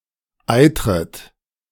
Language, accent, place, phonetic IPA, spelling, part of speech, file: German, Germany, Berlin, [ˈaɪ̯tʁət], eitret, verb, De-eitret.ogg
- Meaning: second-person plural subjunctive I of eitern